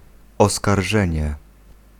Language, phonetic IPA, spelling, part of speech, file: Polish, [ˌɔskarˈʒɛ̃ɲɛ], oskarżenie, noun, Pl-oskarżenie.ogg